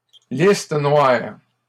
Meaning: 1. blacklist 2. block list
- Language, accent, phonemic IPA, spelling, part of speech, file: French, Canada, /lis.t(ə) nwaʁ/, liste noire, noun, LL-Q150 (fra)-liste noire.wav